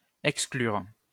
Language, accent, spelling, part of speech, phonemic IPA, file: French, France, exclure, verb, /ɛk.sklyʁ/, LL-Q150 (fra)-exclure.wav
- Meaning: 1. to exclude 2. to leave out